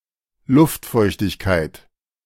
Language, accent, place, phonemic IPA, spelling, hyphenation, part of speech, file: German, Germany, Berlin, /ˈlʊftˌfɔɪ̯çtɪçkaɪ̯t/, Luftfeuchtigkeit, Luft‧feuch‧tig‧keit, noun, De-Luftfeuchtigkeit.ogg
- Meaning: humidity (of the air)